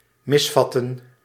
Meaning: to misunderstand, misapprehend
- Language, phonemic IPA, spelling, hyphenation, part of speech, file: Dutch, /ˈmɪs.vɑ.tə(n)/, misvatten, mis‧vat‧ten, verb, Nl-misvatten.ogg